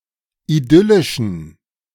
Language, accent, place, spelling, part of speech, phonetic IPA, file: German, Germany, Berlin, idyllischen, adjective, [iˈdʏlɪʃn̩], De-idyllischen.ogg
- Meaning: inflection of idyllisch: 1. strong genitive masculine/neuter singular 2. weak/mixed genitive/dative all-gender singular 3. strong/weak/mixed accusative masculine singular 4. strong dative plural